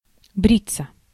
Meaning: 1. to shave oneself 2. passive of бри́ть (brítʹ)
- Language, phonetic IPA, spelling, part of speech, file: Russian, [ˈbrʲit͡sːə], бриться, verb, Ru-бриться.ogg